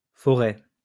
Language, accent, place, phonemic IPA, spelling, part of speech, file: French, France, Lyon, /fɔ.ʁɛ/, forêts, noun, LL-Q150 (fra)-forêts.wav
- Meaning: plural of forêt